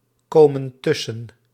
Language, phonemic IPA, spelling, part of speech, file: Dutch, /ˈkomə(n) ˈtʏsə(n)/, komen tussen, verb, Nl-komen tussen.ogg
- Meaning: inflection of tussenkomen: 1. plural present indicative 2. plural present subjunctive